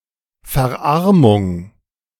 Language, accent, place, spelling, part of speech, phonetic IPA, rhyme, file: German, Germany, Berlin, Verarmung, noun, [fɛɐ̯ˈʔaʁmʊŋ], -aʁmʊŋ, De-Verarmung.ogg
- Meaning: impoverishment, pauperization